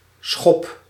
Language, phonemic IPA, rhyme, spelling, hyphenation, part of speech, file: Dutch, /sxɔp/, -ɔp, schop, schop, noun / verb, Nl-schop.ogg
- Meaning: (noun) 1. a shovel, a spade, a digging tool 2. kick, hit or strike with the leg or foot; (verb) inflection of schoppen: first-person singular present indicative